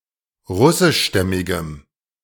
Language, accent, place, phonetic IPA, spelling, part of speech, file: German, Germany, Berlin, [ˈʁʊsɪʃˌʃtɛmɪɡəm], russischstämmigem, adjective, De-russischstämmigem.ogg
- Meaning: strong dative masculine/neuter singular of russischstämmig